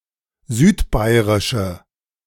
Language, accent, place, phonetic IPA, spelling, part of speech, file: German, Germany, Berlin, [ˈzyːtˌbaɪ̯ʁɪʃə], südbairische, adjective, De-südbairische.ogg
- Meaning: inflection of südbairisch: 1. strong/mixed nominative/accusative feminine singular 2. strong nominative/accusative plural 3. weak nominative all-gender singular